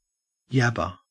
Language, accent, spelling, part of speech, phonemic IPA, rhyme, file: English, Australia, yabber, verb, /ˈjæb.ə(ɹ)/, -æbə(ɹ), En-au-yabber.ogg
- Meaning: To talk, jabber